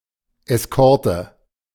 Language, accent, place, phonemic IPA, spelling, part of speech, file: German, Germany, Berlin, /ɛsˈkɔʁtə/, Eskorte, noun, De-Eskorte.ogg
- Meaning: 1. escort (group of people providing protection) 2. motorcade